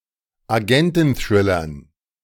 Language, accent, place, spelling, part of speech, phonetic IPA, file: German, Germany, Berlin, Agententhrillern, noun, [aˈɡɛntn̩ˌθʁɪlɐn], De-Agententhrillern.ogg
- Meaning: dative plural of Agententhriller